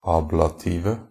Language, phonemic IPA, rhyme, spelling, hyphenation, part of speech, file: Norwegian Bokmål, /ˈɑːblatiːʋə/, -iːʋə, ablative, ab‧la‧ti‧ve, adjective, NB - Pronunciation of Norwegian Bokmål «ablative».ogg
- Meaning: 1. definite singular of ablativ 2. plural of ablativ